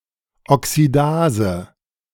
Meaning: oxidase
- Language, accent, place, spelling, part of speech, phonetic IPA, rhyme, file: German, Germany, Berlin, Oxidase, noun, [ɔksiˈdaːzə], -aːzə, De-Oxidase.ogg